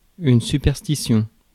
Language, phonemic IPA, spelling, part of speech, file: French, /sy.pɛʁ.sti.sjɔ̃/, superstition, noun, Fr-superstition.ogg
- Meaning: superstition